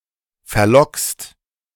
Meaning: second-person singular present of verlocken
- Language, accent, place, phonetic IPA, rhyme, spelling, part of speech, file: German, Germany, Berlin, [fɛɐ̯ˈlɔkst], -ɔkst, verlockst, verb, De-verlockst.ogg